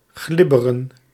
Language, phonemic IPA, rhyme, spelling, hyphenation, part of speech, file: Dutch, /ˈɣlɪ.bə.rən/, -ɪbərən, glibberen, glib‧be‧ren, verb, Nl-glibberen.ogg
- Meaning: to slither, to slip